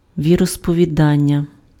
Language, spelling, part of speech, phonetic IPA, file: Ukrainian, віросповідання, noun, [ʋʲirɔspɔʋʲiˈdanʲːɐ], Uk-віросповідання.ogg
- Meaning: denomination, faith, creed